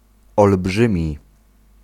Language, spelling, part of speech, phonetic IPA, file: Polish, olbrzymi, adjective, [ɔlˈbʒɨ̃mʲi], Pl-olbrzymi.ogg